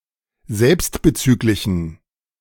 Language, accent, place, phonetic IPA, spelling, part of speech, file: German, Germany, Berlin, [ˈzɛlpstbəˌt͡syːklɪçn̩], selbstbezüglichen, adjective, De-selbstbezüglichen.ogg
- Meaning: inflection of selbstbezüglich: 1. strong genitive masculine/neuter singular 2. weak/mixed genitive/dative all-gender singular 3. strong/weak/mixed accusative masculine singular 4. strong dative plural